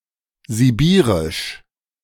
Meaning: Siberian
- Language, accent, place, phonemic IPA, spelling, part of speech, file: German, Germany, Berlin, /ziˈbiːʁɪʃ/, sibirisch, adjective, De-sibirisch.ogg